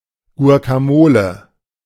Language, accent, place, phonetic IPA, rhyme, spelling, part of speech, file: German, Germany, Berlin, [ɡu̯akaˈmoːlə], -oːlə, Guacamole, noun, De-Guacamole.ogg
- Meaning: guacamole